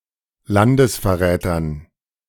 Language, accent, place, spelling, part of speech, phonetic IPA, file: German, Germany, Berlin, Landesverrätern, noun, [ˈlandəsfɛɐ̯ˌʁɛːtɐn], De-Landesverrätern.ogg
- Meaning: dative plural of Landesverräter